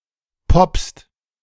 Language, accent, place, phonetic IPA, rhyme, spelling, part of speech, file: German, Germany, Berlin, [pɔpst], -ɔpst, poppst, verb, De-poppst.ogg
- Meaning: second-person singular present of poppen